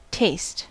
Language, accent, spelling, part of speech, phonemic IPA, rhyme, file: English, US, taste, noun / verb, /teɪst/, -eɪst, En-us-taste.ogg
- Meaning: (noun) One of the sensations produced by the tongue in response to certain chemicals; the quality of giving this sensation